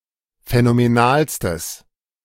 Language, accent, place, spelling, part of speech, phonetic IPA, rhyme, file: German, Germany, Berlin, phänomenalstes, adjective, [fɛnomeˈnaːlstəs], -aːlstəs, De-phänomenalstes.ogg
- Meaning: strong/mixed nominative/accusative neuter singular superlative degree of phänomenal